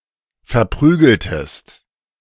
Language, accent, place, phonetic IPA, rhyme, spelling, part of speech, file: German, Germany, Berlin, [fɛɐ̯ˈpʁyːɡl̩təst], -yːɡl̩təst, verprügeltest, verb, De-verprügeltest.ogg
- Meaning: inflection of verprügeln: 1. second-person singular preterite 2. second-person singular subjunctive II